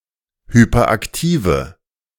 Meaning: inflection of hyperaktiv: 1. strong/mixed nominative/accusative feminine singular 2. strong nominative/accusative plural 3. weak nominative all-gender singular
- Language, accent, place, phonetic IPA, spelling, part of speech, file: German, Germany, Berlin, [ˌhypɐˈʔaktiːvə], hyperaktive, adjective, De-hyperaktive.ogg